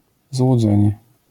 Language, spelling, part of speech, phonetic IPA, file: Polish, złudzenie, noun, [zwuˈd͡zɛ̃ɲɛ], LL-Q809 (pol)-złudzenie.wav